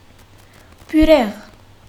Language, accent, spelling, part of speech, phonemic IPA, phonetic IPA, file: Armenian, Western Armenian, բյուրեղ, noun, /pʏˈɾeʁ/, [pʰʏɾéʁ], HyW-բյուրեղ.ogg
- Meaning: 1. crystal 2. beryl 3. cut glass, crystal (glassware)